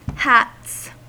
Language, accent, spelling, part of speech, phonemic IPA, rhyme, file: English, US, hats, noun / verb, /hæts/, -æts, En-us-hats.ogg
- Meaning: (noun) plural of hat; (verb) third-person singular simple present indicative of hat